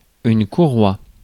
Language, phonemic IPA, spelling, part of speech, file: French, /ku.ʁwa/, courroie, noun, Fr-courroie.ogg
- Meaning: 1. strap 2. belt (especially in a machine) 3. band 4. strip